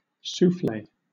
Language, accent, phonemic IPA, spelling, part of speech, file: English, Southern England, /ˈsuːfleɪ/, soufflé, noun / adjective / verb, LL-Q1860 (eng)-soufflé.wav
- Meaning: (noun) A baked dish made from beaten egg whites and various other ingredients, usually prepared and served in a small earthenware bowl (ramekin)